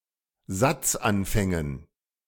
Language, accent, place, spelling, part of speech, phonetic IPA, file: German, Germany, Berlin, Satzanfängen, noun, [ˈzat͡sʔanˌfɛŋən], De-Satzanfängen.ogg
- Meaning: dative plural of Satzanfang